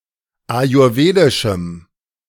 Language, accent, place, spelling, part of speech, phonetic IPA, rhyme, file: German, Germany, Berlin, ayurwedischem, adjective, [ajʊʁˈveːdɪʃm̩], -eːdɪʃm̩, De-ayurwedischem.ogg
- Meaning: strong dative masculine/neuter singular of ayurwedisch